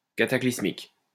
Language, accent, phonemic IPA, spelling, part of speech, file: French, France, /ka.ta.klis.mik/, cataclysmique, adjective, LL-Q150 (fra)-cataclysmique.wav
- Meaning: cataclysmic